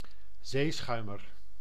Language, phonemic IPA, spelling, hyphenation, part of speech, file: Dutch, /ˈzeːˌsxœy̯.mər/, zeeschuimer, zee‧schui‧mer, noun, Nl-zeeschuimer.ogg
- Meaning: pirate